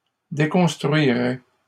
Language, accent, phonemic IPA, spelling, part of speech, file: French, Canada, /de.kɔ̃s.tʁɥi.ʁɛ/, déconstruirait, verb, LL-Q150 (fra)-déconstruirait.wav
- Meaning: third-person singular conditional of déconstruire